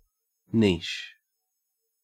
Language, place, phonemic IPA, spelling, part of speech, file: English, Queensland, /niːʃ/, niche, noun / verb / adjective, En-au-niche.ogg
- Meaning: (noun) 1. A cavity, hollow, or recess, generally within the thickness of a wall, for a statue, bust, or other erect ornament 2. Any similar position, literal or figurative